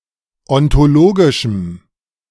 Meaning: strong dative masculine/neuter singular of ontologisch
- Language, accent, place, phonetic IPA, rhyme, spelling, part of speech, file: German, Germany, Berlin, [ɔntoˈloːɡɪʃm̩], -oːɡɪʃm̩, ontologischem, adjective, De-ontologischem.ogg